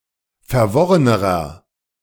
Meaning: inflection of verworren: 1. strong/mixed nominative masculine singular comparative degree 2. strong genitive/dative feminine singular comparative degree 3. strong genitive plural comparative degree
- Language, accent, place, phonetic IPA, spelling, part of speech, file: German, Germany, Berlin, [fɛɐ̯ˈvɔʁənəʁɐ], verworrenerer, adjective, De-verworrenerer.ogg